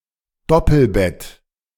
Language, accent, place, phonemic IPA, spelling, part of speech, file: German, Germany, Berlin, /ˈdɔpl̩ˌbɛt/, Doppelbett, noun, De-Doppelbett.ogg
- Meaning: double bed